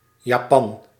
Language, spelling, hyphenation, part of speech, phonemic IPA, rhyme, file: Dutch, Japan, Ja‧pan, proper noun, /jaːˈpɑn/, -ɑn, Nl-Japan.ogg
- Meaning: Japan (a country in East Asia)